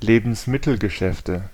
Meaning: nominative/accusative/genitive plural of Lebensmittelgeschäft
- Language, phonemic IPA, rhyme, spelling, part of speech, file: German, /ˈleːbn̩smɪtl̩ɡəˌʃɛftə/, -ɛftə, Lebensmittelgeschäfte, noun, De-Lebensmittelgeschäfte.ogg